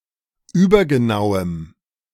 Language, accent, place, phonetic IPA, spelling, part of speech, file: German, Germany, Berlin, [ˈyːbɐɡəˌnaʊ̯əm], übergenauem, adjective, De-übergenauem.ogg
- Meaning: strong dative masculine/neuter singular of übergenau